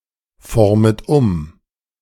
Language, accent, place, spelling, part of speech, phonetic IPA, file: German, Germany, Berlin, formet um, verb, [ˌfɔʁmət ˈʊm], De-formet um.ogg
- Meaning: second-person plural subjunctive I of umformen